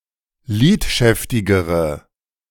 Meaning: inflection of lidschäftig: 1. strong/mixed nominative/accusative feminine singular comparative degree 2. strong nominative/accusative plural comparative degree
- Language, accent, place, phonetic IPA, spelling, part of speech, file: German, Germany, Berlin, [ˈliːtˌʃɛftɪɡəʁə], lidschäftigere, adjective, De-lidschäftigere.ogg